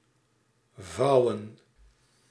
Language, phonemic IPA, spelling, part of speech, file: Dutch, /ˈvɑu̯.ə(n)/, vouwen, verb / noun, Nl-vouwen.ogg
- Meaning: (verb) 1. to fold 2. to arrest; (noun) plural of vouw